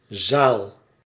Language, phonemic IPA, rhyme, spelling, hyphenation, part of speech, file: Dutch, /zaːl/, -aːl, zaal, zaal, noun, Nl-zaal.ogg
- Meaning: 1. room, hall 2. ward in a hospital or similar medical or caregiving institute 3. Germanic single-room home 4. archaic form of zadel